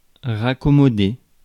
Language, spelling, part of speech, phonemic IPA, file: French, raccommoder, verb, /ʁa.kɔ.mɔ.de/, Fr-raccommoder.ogg
- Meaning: 1. to fix, fix up (small things) 2. to mend, patch up 3. to reconcile